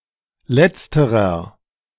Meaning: inflection of letztere: 1. strong/mixed nominative masculine singular 2. strong genitive/dative feminine singular 3. strong genitive plural
- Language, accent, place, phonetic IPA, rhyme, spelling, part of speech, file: German, Germany, Berlin, [ˈlɛt͡stəʁɐ], -ɛt͡stəʁɐ, letzterer, adjective, De-letzterer.ogg